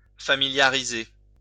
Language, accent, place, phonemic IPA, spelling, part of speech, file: French, France, Lyon, /fa.mi.lja.ʁi.ze/, familiariser, verb, LL-Q150 (fra)-familiariser.wav
- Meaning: 1. to familiarize 2. to familiarize, to accustom, to acquaint oneself